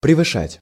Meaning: to exceed
- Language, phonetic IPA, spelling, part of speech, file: Russian, [prʲɪvɨˈʂatʲ], превышать, verb, Ru-превышать.ogg